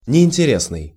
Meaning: 1. uninteresting, boring 2. ugly, unattractive
- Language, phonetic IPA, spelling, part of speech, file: Russian, [nʲɪɪnʲtʲɪˈrʲesnɨj], неинтересный, adjective, Ru-неинтересный.ogg